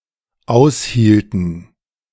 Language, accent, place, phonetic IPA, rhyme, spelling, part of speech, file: German, Germany, Berlin, [ˈaʊ̯sˌhiːltn̩], -aʊ̯shiːltn̩, aushielten, verb, De-aushielten.ogg
- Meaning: inflection of aushalten: 1. first/third-person plural dependent preterite 2. first/third-person plural dependent subjunctive II